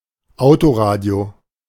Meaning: car radio
- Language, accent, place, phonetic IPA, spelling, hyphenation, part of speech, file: German, Germany, Berlin, [ˈaʊ̯toˌʁaːdi̯o], Autoradio, Au‧to‧ra‧dio, noun, De-Autoradio.ogg